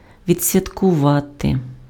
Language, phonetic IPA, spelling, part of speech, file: Ukrainian, [ʋʲid͡zsʲʋʲɐtkʊˈʋate], відсвяткувати, verb, Uk-відсвяткувати.ogg
- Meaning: to celebrate (engage in joyful activity)